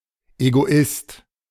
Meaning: egoist
- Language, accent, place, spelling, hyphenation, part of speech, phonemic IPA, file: German, Germany, Berlin, Egoist, Ego‧ist, noun, /eɡoˈɪst/, De-Egoist.ogg